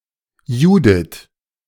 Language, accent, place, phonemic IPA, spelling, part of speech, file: German, Germany, Berlin, /ˈjuːdɪt/, Judith, proper noun, De-Judith.ogg
- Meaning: a female given name, equivalent to English Judith